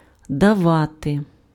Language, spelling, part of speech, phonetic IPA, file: Ukrainian, давати, verb, [dɐˈʋate], Uk-давати.ogg
- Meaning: to give